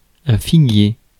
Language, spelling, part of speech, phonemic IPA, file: French, figuier, noun, /fi.ɡje/, Fr-figuier.ogg
- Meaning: 1. fig tree 2. synonym of figuier commun (Ficus carica)